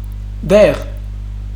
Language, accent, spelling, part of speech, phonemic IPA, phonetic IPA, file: Armenian, Eastern Armenian, դեղ, noun, /deʁ/, [deʁ], Hy-դեղ.ogg
- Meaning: 1. drug, medicine, medicament 2. poison